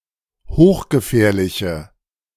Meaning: inflection of hochgefährlich: 1. strong/mixed nominative/accusative feminine singular 2. strong nominative/accusative plural 3. weak nominative all-gender singular
- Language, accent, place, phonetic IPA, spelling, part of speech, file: German, Germany, Berlin, [ˈhoːxɡəˌfɛːɐ̯lɪçə], hochgefährliche, adjective, De-hochgefährliche.ogg